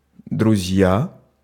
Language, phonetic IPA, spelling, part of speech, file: Russian, [drʊˈzʲja], друзья, noun, Ru-друзья.ogg
- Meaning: nominative plural of друг (drug)